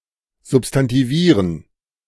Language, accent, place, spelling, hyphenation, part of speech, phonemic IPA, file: German, Germany, Berlin, substantivieren, sub‧s‧tan‧ti‧vie‧ren, verb, /ˌzʊpstantiˈviːʁən/, De-substantivieren.ogg
- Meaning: to substantivise